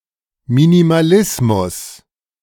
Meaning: minimalism
- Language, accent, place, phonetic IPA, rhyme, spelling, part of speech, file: German, Germany, Berlin, [minimaˈlɪsmʊs], -ɪsmʊs, Minimalismus, noun, De-Minimalismus.ogg